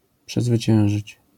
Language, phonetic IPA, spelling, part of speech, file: Polish, [ˌpʃɛzvɨˈt͡ɕɛ̃w̃ʒɨt͡ɕ], przezwyciężyć, verb, LL-Q809 (pol)-przezwyciężyć.wav